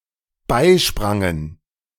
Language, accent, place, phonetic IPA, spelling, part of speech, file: German, Germany, Berlin, [ˈbaɪ̯ˌʃpʁaŋən], beisprangen, verb, De-beisprangen.ogg
- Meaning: first/third-person plural dependent preterite of beispringen